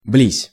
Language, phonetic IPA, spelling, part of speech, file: Russian, [blʲisʲ], близ, preposition, Ru-близ.ogg
- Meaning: near, in the vicinity of